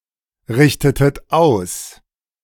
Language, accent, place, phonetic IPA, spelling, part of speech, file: German, Germany, Berlin, [ˌʁɪçtətət ˈaʊ̯s], richtetet aus, verb, De-richtetet aus.ogg
- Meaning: inflection of ausrichten: 1. second-person plural preterite 2. second-person plural subjunctive II